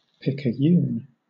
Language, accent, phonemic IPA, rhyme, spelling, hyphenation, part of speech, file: English, Southern England, /ˌpɪkəˈjuːn/, -uːn, picayune, pic‧a‧yune, noun / adjective, LL-Q1860 (eng)-picayune.wav
- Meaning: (noun) 1. A small coin of the value of six-and-a-quarter cents; a Spanish coin with a value of half a real; a fippenny bit 2. A coin worth five cents (a nickel) or some other low value